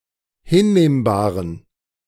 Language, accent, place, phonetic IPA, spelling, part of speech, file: German, Germany, Berlin, [ˈhɪnˌneːmbaːʁən], hinnehmbaren, adjective, De-hinnehmbaren.ogg
- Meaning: inflection of hinnehmbar: 1. strong genitive masculine/neuter singular 2. weak/mixed genitive/dative all-gender singular 3. strong/weak/mixed accusative masculine singular 4. strong dative plural